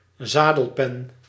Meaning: seat post, saddle pin
- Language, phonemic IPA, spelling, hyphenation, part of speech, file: Dutch, /ˈzaː.dəlˌpɛn/, zadelpen, za‧del‧pen, noun, Nl-zadelpen.ogg